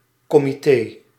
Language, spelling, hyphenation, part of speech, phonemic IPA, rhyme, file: Dutch, comité, co‧mi‧té, noun, /ˌkɔ.miˈteː/, -eː, Nl-comité.ogg
- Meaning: committee